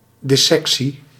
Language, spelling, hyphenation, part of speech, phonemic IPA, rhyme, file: Dutch, dissectie, dis‧sec‧tie, noun, /ˌdɪˈsɛk.si/, -ɛksi, Nl-dissectie.ogg
- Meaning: 1. dissection, autopsy 2. thorough examination, investigation or exposition